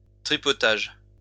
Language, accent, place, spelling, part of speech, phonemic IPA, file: French, France, Lyon, tripotage, noun, /tʁi.pɔ.taʒ/, LL-Q150 (fra)-tripotage.wav
- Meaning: fiddling, manipulation, jiggery-pokery